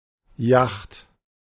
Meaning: alternative spelling of Jacht (now less common)
- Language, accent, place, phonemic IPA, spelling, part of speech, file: German, Germany, Berlin, /jaxt/, Yacht, noun, De-Yacht.ogg